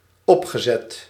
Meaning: past participle of opzetten
- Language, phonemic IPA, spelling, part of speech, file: Dutch, /ˈɔpxəˌzɛt/, opgezet, verb / adjective, Nl-opgezet.ogg